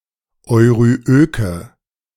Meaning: inflection of euryök: 1. strong/mixed nominative/accusative feminine singular 2. strong nominative/accusative plural 3. weak nominative all-gender singular 4. weak accusative feminine/neuter singular
- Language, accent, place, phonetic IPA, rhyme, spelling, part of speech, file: German, Germany, Berlin, [ɔɪ̯ʁyˈʔøːkə], -øːkə, euryöke, adjective, De-euryöke.ogg